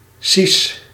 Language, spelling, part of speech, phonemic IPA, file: Dutch, si's, noun, /sis/, Nl-si's.ogg
- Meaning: plural of si